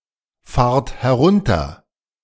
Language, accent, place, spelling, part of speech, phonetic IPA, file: German, Germany, Berlin, fahrt herunter, verb, [ˌfaːɐ̯t hɛˈʁʊntɐ], De-fahrt herunter.ogg
- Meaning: second-person plural present of herunterfahren